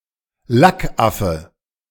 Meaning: fop, popinjay (unlikable dandyish and boastful person, especially a man)
- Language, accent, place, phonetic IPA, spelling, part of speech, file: German, Germany, Berlin, [ˈlakˌʔafə], Lackaffe, noun, De-Lackaffe.ogg